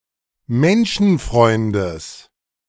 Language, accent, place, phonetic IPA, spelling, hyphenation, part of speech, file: German, Germany, Berlin, [ˈmɛnʃn̩fʁɔʏndəs], Menschenfreundes, Men‧schen‧freun‧des, noun, De-Menschenfreundes.ogg
- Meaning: genitive singular of Menschenfreund